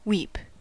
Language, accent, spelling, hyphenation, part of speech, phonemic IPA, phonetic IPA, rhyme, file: English, US, weep, weep, verb / noun, /ˈwiːp/, [ˈwɪi̯p], -iːp, En-us-weep.ogg
- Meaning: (verb) 1. To cry; to shed tears, especially when accompanied with sobbing or other difficulty speaking, as an expression of emotion such as sadness or joy 2. To lament; to complain